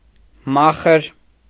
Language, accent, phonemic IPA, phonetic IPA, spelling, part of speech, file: Armenian, Eastern Armenian, /ˈmɑχəɾ/, [mɑ́χəɾ], մախր, noun, Hy-մախր.ogg
- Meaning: alternative form of մարխ (marx)